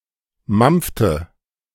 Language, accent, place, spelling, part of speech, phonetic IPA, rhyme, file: German, Germany, Berlin, mampfte, verb, [ˈmamp͡ftə], -amp͡ftə, De-mampfte.ogg
- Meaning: inflection of mampfen: 1. first/third-person singular preterite 2. first/third-person singular subjunctive II